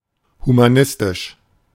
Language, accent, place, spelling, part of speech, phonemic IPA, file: German, Germany, Berlin, humanistisch, adjective, /humaˈnɪstɪʃ/, De-humanistisch.ogg
- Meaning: humanistic